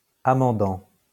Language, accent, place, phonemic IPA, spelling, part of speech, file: French, France, Lyon, /a.mɑ̃.dɑ̃/, amendant, verb, LL-Q150 (fra)-amendant.wav
- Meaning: present participle of amender